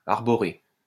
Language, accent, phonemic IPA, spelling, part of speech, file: French, France, /aʁ.bɔ.ʁe/, arborer, verb, LL-Q150 (fra)-arborer.wav
- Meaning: 1. to sport (clothes, a badge etc.) 2. to wear (a facial expression e.g. a smile, a frown) 3. to fly, display (a flag)